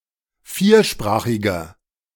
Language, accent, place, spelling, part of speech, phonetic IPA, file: German, Germany, Berlin, viersprachiger, adjective, [ˈfiːɐ̯ˌʃpʁaːxɪɡɐ], De-viersprachiger.ogg
- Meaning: inflection of viersprachig: 1. strong/mixed nominative masculine singular 2. strong genitive/dative feminine singular 3. strong genitive plural